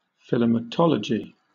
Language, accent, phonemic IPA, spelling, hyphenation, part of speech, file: English, Southern England, /fɪˌlɪməˈtɒləd͡ʒi/, philematology, phi‧le‧ma‧to‧lo‧gy, noun, LL-Q1860 (eng)-philematology.wav
- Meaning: The scientific study of kissing